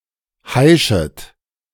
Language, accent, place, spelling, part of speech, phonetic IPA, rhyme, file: German, Germany, Berlin, heischet, verb, [ˈhaɪ̯ʃət], -aɪ̯ʃət, De-heischet.ogg
- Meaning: second-person plural subjunctive I of heischen